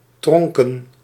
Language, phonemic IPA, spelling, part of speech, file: Dutch, /ˈtrɔŋkə(n)/, tronken, noun, Nl-tronken.ogg
- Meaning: plural of tronk